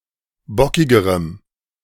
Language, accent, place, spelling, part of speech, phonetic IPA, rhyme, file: German, Germany, Berlin, bockigerem, adjective, [ˈbɔkɪɡəʁəm], -ɔkɪɡəʁəm, De-bockigerem.ogg
- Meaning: strong dative masculine/neuter singular comparative degree of bockig